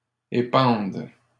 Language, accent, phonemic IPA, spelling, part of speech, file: French, Canada, /e.pɑ̃d/, épandes, verb, LL-Q150 (fra)-épandes.wav
- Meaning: second-person singular present subjunctive of épandre